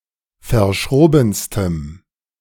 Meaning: strong dative masculine/neuter singular superlative degree of verschroben
- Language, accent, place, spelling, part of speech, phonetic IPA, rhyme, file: German, Germany, Berlin, verschrobenstem, adjective, [fɐˈʃʁoːbn̩stəm], -oːbn̩stəm, De-verschrobenstem.ogg